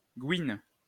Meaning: lesbian, dyke
- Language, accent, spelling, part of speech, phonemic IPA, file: French, France, gouine, noun, /ɡwin/, LL-Q150 (fra)-gouine.wav